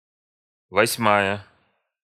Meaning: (adjective) feminine singular nominative of восьмо́й (vosʹmój); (noun) eighth part
- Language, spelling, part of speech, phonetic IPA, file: Russian, восьмая, adjective / noun, [vɐsʲˈmajə], Ru-восьмая.ogg